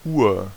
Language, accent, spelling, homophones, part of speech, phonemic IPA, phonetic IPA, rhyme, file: German, Germany, Uhr, ur- / Ur, noun, /uːr/, [ʔuːɐ̯], -uːɐ̯, De-Uhr.ogg
- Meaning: 1. hours, o'clock (indicates the time within a twelve- or twenty-four-hour period) 2. clock, watch (instrument used to measure or keep track of time)